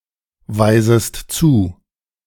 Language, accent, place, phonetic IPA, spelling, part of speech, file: German, Germany, Berlin, [ˌvaɪ̯zəst ˈt͡suː], weisest zu, verb, De-weisest zu.ogg
- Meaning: second-person singular subjunctive I of zuweisen